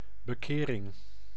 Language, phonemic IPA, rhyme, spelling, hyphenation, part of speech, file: Dutch, /bəˈkeː.rɪŋ/, -eːrɪŋ, bekering, be‧ke‧ring, noun, Nl-bekering.ogg
- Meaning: religious conversion